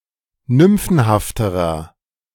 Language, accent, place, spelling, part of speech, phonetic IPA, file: German, Germany, Berlin, nymphenhafterer, adjective, [ˈnʏmfn̩haftəʁɐ], De-nymphenhafterer.ogg
- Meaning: inflection of nymphenhaft: 1. strong/mixed nominative masculine singular comparative degree 2. strong genitive/dative feminine singular comparative degree 3. strong genitive plural comparative degree